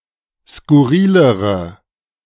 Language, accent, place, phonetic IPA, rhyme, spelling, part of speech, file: German, Germany, Berlin, [skʊˈʁiːləʁə], -iːləʁə, skurrilere, adjective, De-skurrilere.ogg
- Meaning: inflection of skurril: 1. strong/mixed nominative/accusative feminine singular comparative degree 2. strong nominative/accusative plural comparative degree